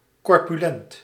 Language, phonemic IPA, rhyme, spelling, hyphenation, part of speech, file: Dutch, /ˌkɔr.pyˈlɛnt/, -ɛnt, corpulent, cor‧pu‧lent, adjective, Nl-corpulent.ogg
- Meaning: overweight, corpulent